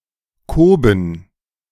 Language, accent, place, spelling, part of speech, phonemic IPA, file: German, Germany, Berlin, Koben, noun, /ˈkoːbən/, De-Koben.ogg
- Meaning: a (little) stable, shed, nook, especially for pigs, a pigsty (shelter where pigs are kept)